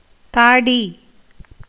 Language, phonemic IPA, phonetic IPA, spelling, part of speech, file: Tamil, /t̪ɑːɖiː/, [t̪äːɖiː], தாடி, noun, Ta-தாடி.ogg
- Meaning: beard